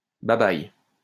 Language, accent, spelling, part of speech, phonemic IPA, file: French, France, babaille, interjection, /ba.baj/, LL-Q150 (fra)-babaille.wav
- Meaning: bye-bye